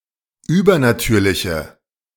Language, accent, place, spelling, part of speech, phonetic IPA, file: German, Germany, Berlin, übernatürliche, adjective, [ˈyːbɐnaˌtyːɐ̯lɪçə], De-übernatürliche.ogg
- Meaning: inflection of übernatürlich: 1. strong/mixed nominative/accusative feminine singular 2. strong nominative/accusative plural 3. weak nominative all-gender singular